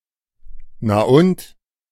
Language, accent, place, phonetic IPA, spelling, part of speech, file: German, Germany, Berlin, [naː ˈʔʊnt], na und, interjection, De-na und.ogg
- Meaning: so what (reply of indifference)